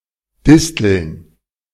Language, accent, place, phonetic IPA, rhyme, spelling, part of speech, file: German, Germany, Berlin, [ˈdɪstl̩n], -ɪstl̩n, Disteln, noun, De-Disteln.ogg
- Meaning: plural of Distel